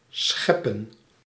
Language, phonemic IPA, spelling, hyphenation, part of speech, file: Dutch, /ˈsxɛ.pə(n)/, scheppen, schep‧pen, verb / noun, Nl-scheppen.ogg
- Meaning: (verb) 1. to create 2. to scoop (up), to shovel (away) 3. to hit and subsequently heave up (by a vehicle at high speed); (noun) plural of schep